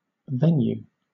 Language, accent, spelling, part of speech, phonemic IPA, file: English, Southern England, venue, noun, /ˈvɛnjuː/, LL-Q1860 (eng)-venue.wav
- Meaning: A theater, auditorium, arena, or other area designated for sporting or entertainment events